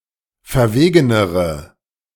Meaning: inflection of verwegen: 1. strong/mixed nominative/accusative feminine singular comparative degree 2. strong nominative/accusative plural comparative degree
- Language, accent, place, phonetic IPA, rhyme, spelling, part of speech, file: German, Germany, Berlin, [fɛɐ̯ˈveːɡənəʁə], -eːɡənəʁə, verwegenere, adjective, De-verwegenere.ogg